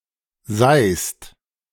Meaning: second-person singular present of seihen
- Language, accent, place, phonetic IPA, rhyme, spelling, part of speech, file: German, Germany, Berlin, [zaɪ̯st], -aɪ̯st, seihst, verb, De-seihst.ogg